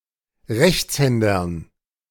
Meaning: dative plural of Rechtshänder
- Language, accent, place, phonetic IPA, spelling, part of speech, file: German, Germany, Berlin, [ˈʁɛçt͡sˌhɛndɐn], Rechtshändern, noun, De-Rechtshändern.ogg